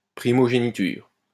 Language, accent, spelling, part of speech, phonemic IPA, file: French, France, primogéniture, noun, /pʁi.mɔ.ʒe.ni.tyʁ/, LL-Q150 (fra)-primogéniture.wav
- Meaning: primogeniture